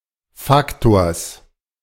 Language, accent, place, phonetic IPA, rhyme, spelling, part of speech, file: German, Germany, Berlin, [ˈfaktoːɐ̯s], -aktoːɐ̯s, Faktors, noun, De-Faktors.ogg
- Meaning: genitive singular of Faktor